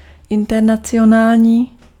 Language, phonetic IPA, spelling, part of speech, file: Czech, [ˈɪntɛrnat͡sɪjonaːlɲiː], internacionální, adjective, Cs-internacionální.ogg
- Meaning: international